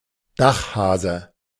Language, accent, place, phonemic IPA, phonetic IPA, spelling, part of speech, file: German, Germany, Berlin, /ˈdaxˌhaːzə/, [ˈdäχˌ(h)äːzə], Dachhase, noun, De-Dachhase.ogg
- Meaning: roof rabbit; cat meat